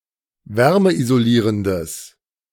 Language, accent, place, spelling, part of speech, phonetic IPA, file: German, Germany, Berlin, wärmeisolierendes, adjective, [ˈvɛʁməʔizoˌliːʁəndəs], De-wärmeisolierendes.ogg
- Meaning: strong/mixed nominative/accusative neuter singular of wärmeisolierend